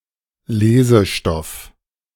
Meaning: reading material
- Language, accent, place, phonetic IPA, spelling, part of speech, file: German, Germany, Berlin, [ˈleːzəˌʃtɔf], Lesestoff, noun, De-Lesestoff.ogg